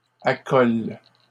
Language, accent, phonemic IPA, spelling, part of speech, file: French, Canada, /a.kɔl/, accolent, verb, LL-Q150 (fra)-accolent.wav
- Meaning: third-person plural present indicative/subjunctive of accoler